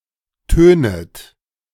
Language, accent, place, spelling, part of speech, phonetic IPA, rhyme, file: German, Germany, Berlin, tönet, verb, [ˈtøːnət], -øːnət, De-tönet.ogg
- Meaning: second-person plural subjunctive I of tönen